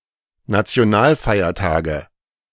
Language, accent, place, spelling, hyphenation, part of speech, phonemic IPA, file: German, Germany, Berlin, Nationalfeiertage, Na‧ti‧o‧nal‧fei‧er‧ta‧ge, noun, /nat͡si̯oˈnaːlˌfaɪ̯ɐtaːɡə/, De-Nationalfeiertage.ogg
- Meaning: nominative/accusative/genitive plural of Nationalfeiertag